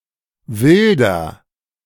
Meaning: inflection of wildern: 1. first-person singular present 2. singular imperative
- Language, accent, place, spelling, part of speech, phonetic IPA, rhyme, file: German, Germany, Berlin, wilder, adjective, [ˈvɪldɐ], -ɪldɐ, De-wilder.ogg